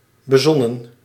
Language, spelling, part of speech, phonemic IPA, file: Dutch, bezonnen, adjective / verb, /bəˈzɔnə(n)/, Nl-bezonnen.ogg
- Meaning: 1. inflection of bezinnen: plural past indicative 2. inflection of bezinnen: plural past subjunctive 3. past participle of bezinnen